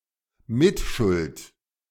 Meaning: complicity
- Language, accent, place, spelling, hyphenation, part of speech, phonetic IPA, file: German, Germany, Berlin, Mitschuld, Mit‧schuld, noun, [ˈmɪtʃʊlt], De-Mitschuld.ogg